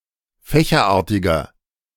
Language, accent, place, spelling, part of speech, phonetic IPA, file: German, Germany, Berlin, fächerartiger, adjective, [ˈfɛːçɐˌʔaːɐ̯tɪɡɐ], De-fächerartiger.ogg
- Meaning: inflection of fächerartig: 1. strong/mixed nominative masculine singular 2. strong genitive/dative feminine singular 3. strong genitive plural